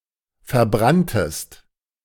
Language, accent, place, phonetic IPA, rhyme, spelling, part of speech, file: German, Germany, Berlin, [fɛɐ̯ˈbʁantəst], -antəst, verbranntest, verb, De-verbranntest.ogg
- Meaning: second-person singular preterite of verbrennen